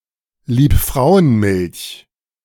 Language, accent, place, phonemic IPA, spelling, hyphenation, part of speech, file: German, Germany, Berlin, /liːpˈfʁaʊ̯ənˌmɪlç/, Liebfrauenmilch, Lieb‧frau‧en‧milch, proper noun, De-Liebfrauenmilch.ogg
- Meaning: Liebfraumilch (a German white wine produced mainly for export)